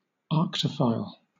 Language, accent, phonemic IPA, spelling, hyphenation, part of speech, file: English, Southern England, /ˈɑːktəfaɪl/, arctophile, arc‧to‧phile, noun, LL-Q1860 (eng)-arctophile.wav
- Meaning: One who has a fondness for teddy bears, usually a collector of them